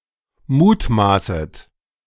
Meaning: second-person plural subjunctive I of mutmaßen
- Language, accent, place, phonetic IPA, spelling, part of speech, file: German, Germany, Berlin, [ˈmuːtˌmaːsət], mutmaßet, verb, De-mutmaßet.ogg